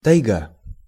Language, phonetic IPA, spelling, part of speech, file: Russian, [tɐjˈɡa], тайга, noun, Ru-тайга.ogg
- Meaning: 1. taiga 2. an impassable place in a forest 3. mountain, mountains